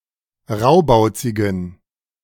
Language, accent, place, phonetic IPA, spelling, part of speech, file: German, Germany, Berlin, [ˈʁaʊ̯baʊ̯t͡sɪɡn̩], raubauzigen, adjective, De-raubauzigen.ogg
- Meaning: inflection of raubauzig: 1. strong genitive masculine/neuter singular 2. weak/mixed genitive/dative all-gender singular 3. strong/weak/mixed accusative masculine singular 4. strong dative plural